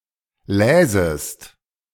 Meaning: second-person singular subjunctive II of lesen
- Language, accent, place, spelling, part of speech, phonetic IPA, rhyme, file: German, Germany, Berlin, läsest, verb, [ˈlɛːzəst], -ɛːzəst, De-läsest.ogg